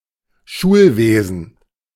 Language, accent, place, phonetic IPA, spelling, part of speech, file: German, Germany, Berlin, [ˈʃuːlˌveːzn̩], Schulwesen, noun, De-Schulwesen.ogg
- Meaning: school system, school sector, education sector